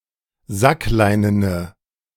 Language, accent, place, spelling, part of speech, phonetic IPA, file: German, Germany, Berlin, sackleinene, adjective, [ˈzakˌlaɪ̯nənə], De-sackleinene.ogg
- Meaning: inflection of sackleinen: 1. strong/mixed nominative/accusative feminine singular 2. strong nominative/accusative plural 3. weak nominative all-gender singular